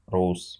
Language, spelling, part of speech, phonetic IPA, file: Russian, рус, adjective / noun, [rus], Ru-рус.ogg
- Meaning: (adjective) short masculine singular of ру́сый (rúsyj); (noun) a representative of the Rus tribe